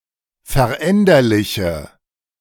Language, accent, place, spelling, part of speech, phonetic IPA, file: German, Germany, Berlin, veränderliche, adjective, [fɛɐ̯ˈʔɛndɐlɪçə], De-veränderliche.ogg
- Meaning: inflection of veränderlich: 1. strong/mixed nominative/accusative feminine singular 2. strong nominative/accusative plural 3. weak nominative all-gender singular